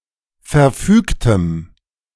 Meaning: strong dative masculine/neuter singular of verfügt
- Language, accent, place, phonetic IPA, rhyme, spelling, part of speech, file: German, Germany, Berlin, [fɛɐ̯ˈfyːktəm], -yːktəm, verfügtem, adjective, De-verfügtem.ogg